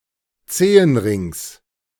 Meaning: genitive singular of Zehenring
- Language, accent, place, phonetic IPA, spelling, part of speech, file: German, Germany, Berlin, [ˈt͡seːənˌʁɪŋs], Zehenrings, noun, De-Zehenrings.ogg